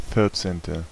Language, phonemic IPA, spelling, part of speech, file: German, /ˈfɪʁtseːntə/, vierzehnte, adjective, De-vierzehnte.ogg
- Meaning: fourteenth